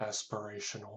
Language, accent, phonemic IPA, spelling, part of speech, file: English, US, /ˌæspəˈɹeɪʃənəl/, aspirational, adjective / noun, Aspirational US.ogg
- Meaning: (adjective) 1. Being ambitious 2. Desiring success 3. Expressing a hope or intention but not creating a legally binding obligation; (noun) A person with aspirations